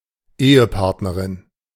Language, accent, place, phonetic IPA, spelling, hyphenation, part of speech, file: German, Germany, Berlin, [ˈeːəˌpaʁtnəʁɪn], Ehepartnerin, Ehe‧part‧ne‧rin, noun, De-Ehepartnerin.ogg
- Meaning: female equivalent of Ehepartner